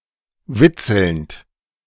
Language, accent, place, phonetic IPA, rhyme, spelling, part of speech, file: German, Germany, Berlin, [ˈvɪt͡sl̩nt], -ɪt͡sl̩nt, witzelnd, verb, De-witzelnd.ogg
- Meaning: present participle of witzeln